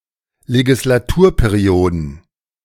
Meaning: plural of Legislaturperiode
- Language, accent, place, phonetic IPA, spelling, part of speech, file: German, Germany, Berlin, [leɡɪslaˈtuːɐ̯peˌʁi̯oːdn̩], Legislaturperioden, noun, De-Legislaturperioden.ogg